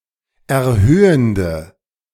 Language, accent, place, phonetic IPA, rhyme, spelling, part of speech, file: German, Germany, Berlin, [ɛɐ̯ˈhøːəndə], -øːəndə, erhöhende, adjective, De-erhöhende.ogg
- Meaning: inflection of erhöhend: 1. strong/mixed nominative/accusative feminine singular 2. strong nominative/accusative plural 3. weak nominative all-gender singular